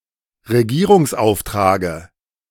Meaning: dative of Regierungsauftrag
- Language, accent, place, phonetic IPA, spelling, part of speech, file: German, Germany, Berlin, [ʁeˈɡiːʁʊŋsˌʔaʊ̯ftʁaːɡə], Regierungsauftrage, noun, De-Regierungsauftrage.ogg